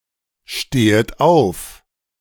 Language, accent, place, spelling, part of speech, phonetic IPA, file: German, Germany, Berlin, stehet auf, verb, [ˌʃteːət ˈaʊ̯f], De-stehet auf.ogg
- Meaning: second-person plural subjunctive I of aufstehen